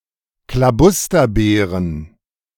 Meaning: plural of Klabusterbeere
- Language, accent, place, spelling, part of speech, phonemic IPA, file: German, Germany, Berlin, Klabusterbeeren, noun, /klaˈbʊstɐbeːʁən/, De-Klabusterbeeren.ogg